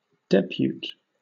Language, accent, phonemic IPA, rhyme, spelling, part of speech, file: English, Southern England, /ˈdɛ.pjuːt/, -uːt, depute, noun, LL-Q1860 (eng)-depute.wav
- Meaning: A deputy